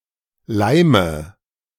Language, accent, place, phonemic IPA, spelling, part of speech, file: German, Germany, Berlin, /ˈlaɪ̯mə/, leime, verb, De-leime.ogg
- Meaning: inflection of leimen: 1. first-person singular present 2. first/third-person singular subjunctive I 3. singular imperative